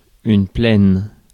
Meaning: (adjective) feminine singular of plain; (noun) plain
- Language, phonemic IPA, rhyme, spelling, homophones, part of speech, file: French, /plɛn/, -ɛn, plaine, pleine, adjective / noun, Fr-plaine.ogg